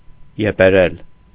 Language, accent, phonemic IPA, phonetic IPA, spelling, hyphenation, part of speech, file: Armenian, Eastern Armenian, /jepeˈɾel/, [jepeɾél], եպերել, ե‧պե‧րել, verb, Hy-եպերել.ogg
- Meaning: to blame, to reproach